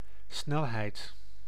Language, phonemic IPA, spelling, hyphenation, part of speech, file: Dutch, /ˈsnɛl.ɦɛi̯t/, snelheid, snel‧heid, noun, Nl-snelheid.ogg
- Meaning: speed, velocity